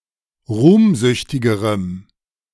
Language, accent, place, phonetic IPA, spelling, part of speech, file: German, Germany, Berlin, [ˈʁuːmˌzʏçtɪɡəʁəm], ruhmsüchtigerem, adjective, De-ruhmsüchtigerem.ogg
- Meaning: strong dative masculine/neuter singular comparative degree of ruhmsüchtig